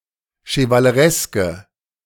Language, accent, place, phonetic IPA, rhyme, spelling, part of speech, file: German, Germany, Berlin, [ʃəvaləˈʁɛskə], -ɛskə, chevalereske, adjective, De-chevalereske.ogg
- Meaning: inflection of chevaleresk: 1. strong/mixed nominative/accusative feminine singular 2. strong nominative/accusative plural 3. weak nominative all-gender singular